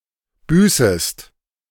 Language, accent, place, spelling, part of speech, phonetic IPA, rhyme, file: German, Germany, Berlin, büßest, verb, [ˈbyːsəst], -yːsəst, De-büßest.ogg
- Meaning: second-person singular subjunctive I of büßen